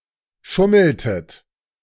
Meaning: inflection of schummeln: 1. second-person plural preterite 2. second-person plural subjunctive II
- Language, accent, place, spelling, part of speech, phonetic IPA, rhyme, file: German, Germany, Berlin, schummeltet, verb, [ˈʃʊml̩tət], -ʊml̩tət, De-schummeltet.ogg